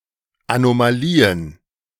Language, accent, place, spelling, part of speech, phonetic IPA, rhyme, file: German, Germany, Berlin, Anomalien, noun, [anomaˈliːən], -iːən, De-Anomalien.ogg
- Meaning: plural of Anomalie